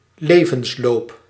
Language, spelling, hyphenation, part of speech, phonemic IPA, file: Dutch, levensloop, le‧vens‧loop, noun, /ˈlevə(n)sˌlop/, Nl-levensloop.ogg
- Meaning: 1. course of life 2. curriculum vitae